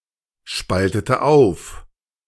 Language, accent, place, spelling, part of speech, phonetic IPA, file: German, Germany, Berlin, spaltete auf, verb, [ˌʃpaltətə ˈaʊ̯f], De-spaltete auf.ogg
- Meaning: inflection of aufspalten: 1. first/third-person singular preterite 2. first/third-person singular subjunctive II